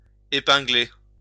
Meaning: 1. to pin (fasten/attach with a pin) 2. to catch
- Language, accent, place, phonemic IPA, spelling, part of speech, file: French, France, Lyon, /e.pɛ̃.ɡle/, épingler, verb, LL-Q150 (fra)-épingler.wav